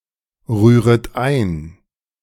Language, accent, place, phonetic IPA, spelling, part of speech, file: German, Germany, Berlin, [ˌʁyːʁət ˈaɪ̯n], rühret ein, verb, De-rühret ein.ogg
- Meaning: second-person plural subjunctive I of einrühren